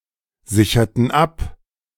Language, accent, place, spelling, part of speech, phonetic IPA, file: German, Germany, Berlin, sicherten ab, verb, [ˌzɪçɐtn̩ ˈap], De-sicherten ab.ogg
- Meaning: inflection of absichern: 1. first/third-person plural preterite 2. first/third-person plural subjunctive II